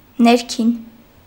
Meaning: 1. inside, interior, inner, internal 2. lower; bottom
- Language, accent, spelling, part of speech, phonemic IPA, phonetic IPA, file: Armenian, Eastern Armenian, ներքին, adjective, /neɾˈkʰin/, [neɾkʰín], Hy-ներքին.ogg